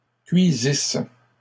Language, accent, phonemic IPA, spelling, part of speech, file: French, Canada, /kɥi.zis/, cuisissent, verb, LL-Q150 (fra)-cuisissent.wav
- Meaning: third-person plural imperfect subjunctive of cuire